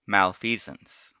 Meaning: 1. Wrongdoing 2. Misconduct or wrongdoing, especially by a public official and causing damage
- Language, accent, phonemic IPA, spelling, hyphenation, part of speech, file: English, US, /ˌmælˈfiːzəns/, malfeasance, mal‧fea‧sance, noun, En-us-malfeasance.ogg